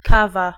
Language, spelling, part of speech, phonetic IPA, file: Polish, kawa, noun, [ˈkava], Pl-kawa.ogg